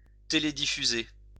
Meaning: to televise (broadcast on TV)
- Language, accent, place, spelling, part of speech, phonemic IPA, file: French, France, Lyon, télédiffuser, verb, /te.le.di.fy.ze/, LL-Q150 (fra)-télédiffuser.wav